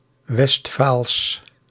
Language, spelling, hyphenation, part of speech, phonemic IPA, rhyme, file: Dutch, Westfaals, West‧faals, adjective / proper noun, /ʋɛstˈfaːls/, -aːls, Nl-Westfaals.ogg
- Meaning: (adjective) Westphalian; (proper noun) Westphalian (dialect of Low German)